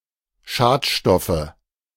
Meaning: nominative/accusative/genitive plural of Schadstoff
- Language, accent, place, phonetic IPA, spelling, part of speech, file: German, Germany, Berlin, [ˈʃaːtˌʃtɔfə], Schadstoffe, noun, De-Schadstoffe.ogg